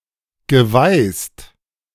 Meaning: past participle of weißen
- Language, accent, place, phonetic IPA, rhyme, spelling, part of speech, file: German, Germany, Berlin, [ɡəˈvaɪ̯st], -aɪ̯st, geweißt, verb, De-geweißt.ogg